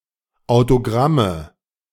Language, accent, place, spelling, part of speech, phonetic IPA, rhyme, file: German, Germany, Berlin, Autogramme, noun, [aʊ̯toˈɡʁamə], -amə, De-Autogramme.ogg
- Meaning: nominative/accusative/genitive plural of Autogramm